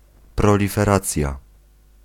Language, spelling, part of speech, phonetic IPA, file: Polish, proliferacja, noun, [ˌprɔlʲifɛˈrat͡sʲja], Pl-proliferacja.ogg